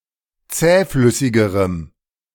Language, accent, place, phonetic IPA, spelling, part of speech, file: German, Germany, Berlin, [ˈt͡sɛːˌflʏsɪɡəʁəm], zähflüssigerem, adjective, De-zähflüssigerem.ogg
- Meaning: strong dative masculine/neuter singular comparative degree of zähflüssig